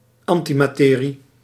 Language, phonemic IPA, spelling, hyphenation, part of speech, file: Dutch, /ˈɑn.ti.maːˌteː.ri/, antimaterie, an‧ti‧ma‧te‧rie, noun, Nl-antimaterie.ogg
- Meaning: antimatter